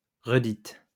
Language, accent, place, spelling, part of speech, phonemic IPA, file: French, France, Lyon, redite, verb / noun, /ʁə.dit/, LL-Q150 (fra)-redite.wav
- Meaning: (verb) feminine singular of redit; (noun) repetition